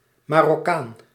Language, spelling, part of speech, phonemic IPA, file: Dutch, Marokkaan, noun, /ˌmɑrɔˈkan/, Nl-Marokkaan.ogg
- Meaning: Moroccan